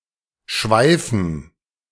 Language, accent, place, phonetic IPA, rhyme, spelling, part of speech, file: German, Germany, Berlin, [ˈʃvaɪ̯fn̩], -aɪ̯fn̩, Schweifen, noun, De-Schweifen.ogg
- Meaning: dative plural of Schweif